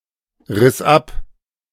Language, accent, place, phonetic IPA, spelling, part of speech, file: German, Germany, Berlin, [ˌʁɪs ˈap], riss ab, verb, De-riss ab.ogg
- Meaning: first/third-person singular preterite of abreißen